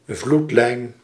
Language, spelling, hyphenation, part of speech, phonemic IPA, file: Dutch, vloedlijn, vloed‧lijn, noun, /ˈvlut.lɛi̯n/, Nl-vloedlijn.ogg
- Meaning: strandline; high-water line, flood-line, the water level or line formed by water during high tide; sometimes also denoting the high-water marks created by high tide